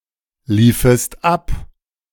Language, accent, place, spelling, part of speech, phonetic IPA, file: German, Germany, Berlin, liefest ab, verb, [ˌliːfəst ˈap], De-liefest ab.ogg
- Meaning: second-person singular subjunctive II of ablaufen